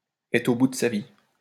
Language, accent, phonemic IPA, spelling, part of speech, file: French, France, /ɛtʁ o bu d(ə) sa vi/, être au bout de sa vie, verb, LL-Q150 (fra)-être au bout de sa vie.wav
- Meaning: to be exhausted